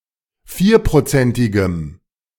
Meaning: strong dative masculine/neuter singular of vierprozentig
- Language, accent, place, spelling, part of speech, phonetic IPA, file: German, Germany, Berlin, vierprozentigem, adjective, [ˈfiːɐ̯pʁoˌt͡sɛntɪɡəm], De-vierprozentigem.ogg